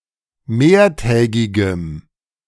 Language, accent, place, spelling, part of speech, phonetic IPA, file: German, Germany, Berlin, mehrtägigem, adjective, [ˈmeːɐ̯ˌtɛːɡɪɡəm], De-mehrtägigem.ogg
- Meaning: strong dative masculine/neuter singular of mehrtägig